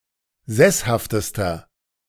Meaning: inflection of sesshaft: 1. strong/mixed nominative masculine singular superlative degree 2. strong genitive/dative feminine singular superlative degree 3. strong genitive plural superlative degree
- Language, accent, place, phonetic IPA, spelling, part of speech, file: German, Germany, Berlin, [ˈzɛshaftəstɐ], sesshaftester, adjective, De-sesshaftester.ogg